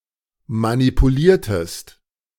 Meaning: inflection of manipulieren: 1. second-person singular preterite 2. second-person singular subjunctive II
- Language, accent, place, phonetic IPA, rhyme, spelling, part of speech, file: German, Germany, Berlin, [manipuˈliːɐ̯təst], -iːɐ̯təst, manipuliertest, verb, De-manipuliertest.ogg